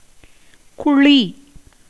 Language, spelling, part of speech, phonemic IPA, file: Tamil, குழி, noun / verb, /kʊɻiː/, Ta-குழி.ogg
- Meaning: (noun) 1. pit, hole, hollow, cavity, dimple, depression, excavation 2. tank, pond 3. well; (verb) to be hollowed out (as a hole, pit, cavity); to sink hollow